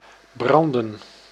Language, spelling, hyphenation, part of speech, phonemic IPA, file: Dutch, branden, bran‧den, verb / noun, /ˈbrɑndə(n)/, Nl-branden.ogg
- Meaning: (verb) 1. to burn, to set aflame, to be alight 2. to be lit 3. to burn, to write to a storage medium; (noun) plural of brand